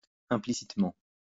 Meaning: implicitly
- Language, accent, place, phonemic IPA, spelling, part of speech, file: French, France, Lyon, /ɛ̃.pli.sit.mɑ̃/, implicitement, adverb, LL-Q150 (fra)-implicitement.wav